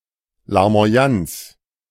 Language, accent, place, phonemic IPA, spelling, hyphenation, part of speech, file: German, Germany, Berlin, /laʁmo̯aˈjant͡s/, Larmoyanz, Lar‧mo‧yanz, noun, De-Larmoyanz.ogg
- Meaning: maudlinness, mawkishness, self-pity